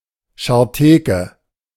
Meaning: 1. old and worthless book 2. uncongenial old woman
- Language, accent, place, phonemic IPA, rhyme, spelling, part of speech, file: German, Germany, Berlin, /ʃaːteːkə/, -eːkə, Scharteke, noun, De-Scharteke.ogg